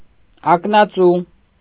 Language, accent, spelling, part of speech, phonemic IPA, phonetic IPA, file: Armenian, Eastern Armenian, ակնածու, adjective / adverb, /ɑknɑˈt͡su/, [ɑknɑt͡sú], Hy-ակնածու.ogg
- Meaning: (adjective) venerable, respectful; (adverb) venerably, respectfully